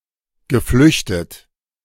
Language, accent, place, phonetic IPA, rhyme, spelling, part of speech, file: German, Germany, Berlin, [ɡəˈflʏçtət], -ʏçtət, geflüchtet, verb, De-geflüchtet.ogg
- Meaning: past participle of flüchten